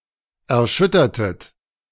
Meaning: inflection of erschüttern: 1. second-person plural preterite 2. second-person plural subjunctive II
- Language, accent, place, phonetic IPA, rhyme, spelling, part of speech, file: German, Germany, Berlin, [ɛɐ̯ˈʃʏtɐtət], -ʏtɐtət, erschüttertet, verb, De-erschüttertet.ogg